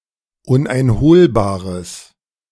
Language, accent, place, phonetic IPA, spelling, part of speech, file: German, Germany, Berlin, [ˌʊnʔaɪ̯nˈhoːlbaːʁəs], uneinholbares, adjective, De-uneinholbares.ogg
- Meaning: strong/mixed nominative/accusative neuter singular of uneinholbar